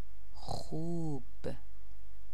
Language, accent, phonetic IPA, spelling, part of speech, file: Persian, Iran, [xuːb̥], خوب, adjective / adverb, Fa-خوب.ogg
- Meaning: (adjective) 1. good 2. well 3. nice; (adverb) nicely